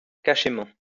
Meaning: obscurely
- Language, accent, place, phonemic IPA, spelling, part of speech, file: French, France, Lyon, /ka.ʃe.mɑ̃/, cachément, adverb, LL-Q150 (fra)-cachément.wav